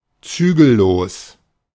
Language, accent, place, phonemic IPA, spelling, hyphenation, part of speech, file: German, Germany, Berlin, /ˈtsyːɡəˌloːs/, zügellos, zü‧gel‧los, adjective, De-zügellos.ogg
- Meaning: self-indulgent, unbridled, unrestrained